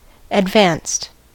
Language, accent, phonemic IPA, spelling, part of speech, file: English, US, /ədˈvænst/, advanced, verb / adjective, En-us-advanced.ogg
- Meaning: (verb) simple past and past participle of advance; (adjective) 1. At or close to the state of the art 2. Involving greater complexity; more difficult, elaborate or specialized